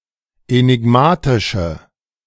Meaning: inflection of enigmatisch: 1. strong/mixed nominative/accusative feminine singular 2. strong nominative/accusative plural 3. weak nominative all-gender singular
- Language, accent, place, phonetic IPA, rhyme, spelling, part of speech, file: German, Germany, Berlin, [enɪˈɡmaːtɪʃə], -aːtɪʃə, enigmatische, adjective, De-enigmatische.ogg